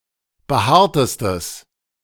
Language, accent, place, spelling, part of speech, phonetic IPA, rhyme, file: German, Germany, Berlin, behaartestes, adjective, [bəˈhaːɐ̯təstəs], -aːɐ̯təstəs, De-behaartestes.ogg
- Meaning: strong/mixed nominative/accusative neuter singular superlative degree of behaart